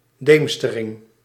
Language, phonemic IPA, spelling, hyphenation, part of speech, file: Dutch, /ˈdeːm.stə.rɪŋ/, deemstering, deem‧ste‧ring, noun, Nl-deemstering.ogg
- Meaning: dusk, twilight